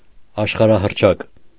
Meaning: world-famous
- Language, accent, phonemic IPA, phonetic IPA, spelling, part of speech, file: Armenian, Eastern Armenian, /ɑʃχɑɾɑhərˈt͡ʃʰɑk/, [ɑʃχɑɾɑhərt͡ʃʰɑ́k], աշխարհահռչակ, adjective, Hy-աշխարհահռչակ.ogg